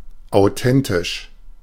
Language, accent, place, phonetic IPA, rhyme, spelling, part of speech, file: German, Germany, Berlin, [aʊ̯ˈtɛntɪʃ], -ɛntɪʃ, authentisch, adjective, De-authentisch.ogg
- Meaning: authentic